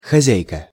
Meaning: 1. female equivalent of хозя́ин (xozjáin): female owner, proprietor 2. hostess 3. wife
- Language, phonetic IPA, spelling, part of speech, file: Russian, [xɐˈzʲæjkə], хозяйка, noun, Ru-хозяйка.ogg